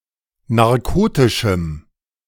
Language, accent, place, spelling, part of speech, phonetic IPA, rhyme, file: German, Germany, Berlin, narkotischem, adjective, [naʁˈkoːtɪʃm̩], -oːtɪʃm̩, De-narkotischem.ogg
- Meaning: strong dative masculine/neuter singular of narkotisch